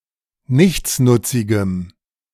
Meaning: strong dative masculine/neuter singular of nichtsnutzig
- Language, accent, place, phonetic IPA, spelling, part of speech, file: German, Germany, Berlin, [ˈnɪçt͡snʊt͡sɪɡəm], nichtsnutzigem, adjective, De-nichtsnutzigem.ogg